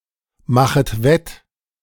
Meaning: second-person plural subjunctive I of wettmachen
- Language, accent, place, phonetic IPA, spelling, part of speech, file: German, Germany, Berlin, [ˌmaxət ˈvɛt], machet wett, verb, De-machet wett.ogg